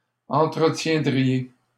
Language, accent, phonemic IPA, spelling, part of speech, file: French, Canada, /ɑ̃.tʁə.tjɛ̃.dʁi.je/, entretiendriez, verb, LL-Q150 (fra)-entretiendriez.wav
- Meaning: second-person plural conditional of entretenir